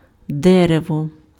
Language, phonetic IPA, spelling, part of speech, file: Ukrainian, [ˈdɛrewɔ], дерево, noun, Uk-дерево.ogg
- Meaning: 1. tree 2. wood